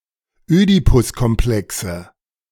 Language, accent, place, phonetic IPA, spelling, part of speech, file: German, Germany, Berlin, [ˈøːdipʊskɔmˌplɛksə], Ödipuskomplexe, noun, De-Ödipuskomplexe.ogg
- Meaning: plural of Ödipuskomplex